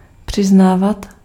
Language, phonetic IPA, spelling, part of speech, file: Czech, [ˈpr̝̊ɪznaːvat], přiznávat, verb, Cs-přiznávat.ogg
- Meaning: imperfective form of přiznat